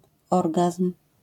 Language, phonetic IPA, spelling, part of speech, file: Polish, [ˈɔrɡasm̥], orgazm, noun, LL-Q809 (pol)-orgazm.wav